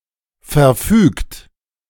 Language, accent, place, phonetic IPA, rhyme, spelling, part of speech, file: German, Germany, Berlin, [fɛɐ̯ˈfyːkt], -yːkt, verfügt, verb, De-verfügt.ogg
- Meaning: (verb) past participle of verfügen; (adjective) decreed; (verb) inflection of verfügen: 1. third-person singular present 2. second-person plural present